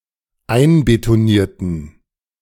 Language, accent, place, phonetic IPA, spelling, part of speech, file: German, Germany, Berlin, [ˈaɪ̯nbetoˌniːɐ̯tn̩], einbetonierten, adjective / verb, De-einbetonierten.ogg
- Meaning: inflection of einbetonieren: 1. first/third-person plural dependent preterite 2. first/third-person plural dependent subjunctive II